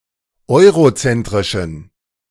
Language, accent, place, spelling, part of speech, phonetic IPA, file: German, Germany, Berlin, eurozentrischen, adjective, [ˈɔɪ̯ʁoˌt͡sɛntʁɪʃn̩], De-eurozentrischen.ogg
- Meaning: inflection of eurozentrisch: 1. strong genitive masculine/neuter singular 2. weak/mixed genitive/dative all-gender singular 3. strong/weak/mixed accusative masculine singular 4. strong dative plural